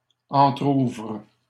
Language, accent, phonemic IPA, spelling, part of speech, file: French, Canada, /ɑ̃.tʁuvʁ/, entrouvre, verb, LL-Q150 (fra)-entrouvre.wav
- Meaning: inflection of entrouvrir: 1. first/third-person singular present indicative/subjunctive 2. second-person singular imperative